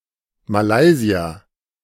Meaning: Malaysian
- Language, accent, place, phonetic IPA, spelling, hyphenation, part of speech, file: German, Germany, Berlin, [maˈlaɪ̯ziɐ], Malaysier, Ma‧lay‧si‧er, noun, De-Malaysier.ogg